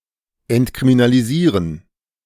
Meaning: to decriminalize
- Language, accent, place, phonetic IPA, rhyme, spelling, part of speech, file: German, Germany, Berlin, [ɛntkʁiminaliˈziːʁən], -iːʁən, entkriminalisieren, verb, De-entkriminalisieren.ogg